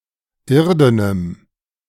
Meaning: strong dative masculine/neuter singular of irden
- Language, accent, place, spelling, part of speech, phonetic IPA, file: German, Germany, Berlin, irdenem, adjective, [ˈɪʁdənəm], De-irdenem.ogg